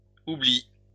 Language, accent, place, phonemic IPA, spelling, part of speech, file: French, France, Lyon, /u.bli/, oublient, verb, LL-Q150 (fra)-oublient.wav
- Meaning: third-person plural present indicative/subjunctive of oublier